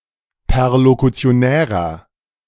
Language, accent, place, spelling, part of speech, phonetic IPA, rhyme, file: German, Germany, Berlin, perlokutionärer, adjective, [pɛʁlokut͡si̯oˈnɛːʁɐ], -ɛːʁɐ, De-perlokutionärer.ogg
- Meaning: inflection of perlokutionär: 1. strong/mixed nominative masculine singular 2. strong genitive/dative feminine singular 3. strong genitive plural